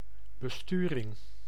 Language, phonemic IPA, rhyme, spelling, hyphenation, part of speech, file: Dutch, /bəˈstyː.rɪŋ/, -yːrɪŋ, besturing, be‧stu‧ring, noun, Nl-besturing.ogg
- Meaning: driving, operation, steering